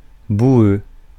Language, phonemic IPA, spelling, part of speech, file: French, /bu.ø/, boueux, adjective, Fr-boueux.ogg
- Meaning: muddy